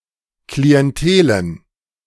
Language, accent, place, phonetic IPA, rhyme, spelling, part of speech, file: German, Germany, Berlin, [kliɛnˈteːlən], -eːlən, Klientelen, noun, De-Klientelen.ogg
- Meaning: plural of Klientel